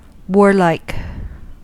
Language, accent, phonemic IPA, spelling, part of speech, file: English, US, /ˈwɔɹlaɪk/, warlike, adjective, En-us-warlike.ogg
- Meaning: 1. Hostile and belligerent 2. Martial, bellicose or militaristic